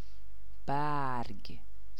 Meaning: 1. leaf 2. petal 3. sheet, folio 4. tools, utensils, means 5. wealth 6. intention, desire 7. vigour
- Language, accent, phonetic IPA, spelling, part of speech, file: Persian, Iran, [bæɹɡʲ̥], برگ, noun, Fa-برگ.ogg